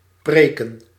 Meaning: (verb) 1. to preach 2. to sermonise, to lecture (to criticise verbally); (noun) plural of preek
- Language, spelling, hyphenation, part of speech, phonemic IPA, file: Dutch, preken, pre‧ken, verb / noun, /ˈpreː.kə(n)/, Nl-preken.ogg